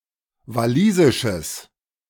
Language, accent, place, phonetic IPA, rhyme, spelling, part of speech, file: German, Germany, Berlin, [vaˈliːzɪʃəs], -iːzɪʃəs, walisisches, adjective, De-walisisches.ogg
- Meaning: strong/mixed nominative/accusative neuter singular of walisisch